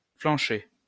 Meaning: flank (meat from the flank)
- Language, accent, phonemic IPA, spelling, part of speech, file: French, France, /flɑ̃.ʃɛ/, flanchet, noun, LL-Q150 (fra)-flanchet.wav